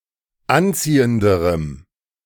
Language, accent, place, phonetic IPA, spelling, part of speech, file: German, Germany, Berlin, [ˈanˌt͡siːəndəʁəm], anziehenderem, adjective, De-anziehenderem.ogg
- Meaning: strong dative masculine/neuter singular comparative degree of anziehend